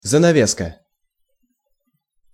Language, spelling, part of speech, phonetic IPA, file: Russian, занавеска, noun, [zənɐˈvʲeskə], Ru-занавеска.ogg
- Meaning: curtain (piece of cloth acting as a barrier)